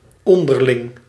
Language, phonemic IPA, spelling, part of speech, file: Dutch, /ˈɔndərˌlɪŋ/, onderling, adjective / adverb, Nl-onderling.ogg
- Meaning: 1. under each other 2. mutual, reciprocal